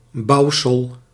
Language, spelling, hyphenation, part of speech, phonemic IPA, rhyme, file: Dutch, bouwsel, bouw‧sel, noun, /ˈbɑu̯səl/, -ɑu̯səl, Nl-bouwsel.ogg
- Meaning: construction, building, something built